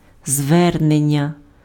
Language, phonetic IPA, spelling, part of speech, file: Ukrainian, [ˈzʋɛrnenʲːɐ], звернення, noun, Uk-звернення.ogg
- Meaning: 1. appeal 2. address 3. application 4. allocution